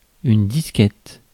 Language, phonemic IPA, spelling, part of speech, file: French, /dis.kɛt/, disquette, noun, Fr-disquette.ogg
- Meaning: floppy disk (flexible disk used for storing digital data)